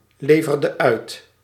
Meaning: inflection of uitleveren: 1. singular past indicative 2. singular past subjunctive
- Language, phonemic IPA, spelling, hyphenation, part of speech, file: Dutch, /ˌleː.vər.də ˈœy̯t/, leverde uit, le‧ver‧de uit, verb, Nl-leverde uit.ogg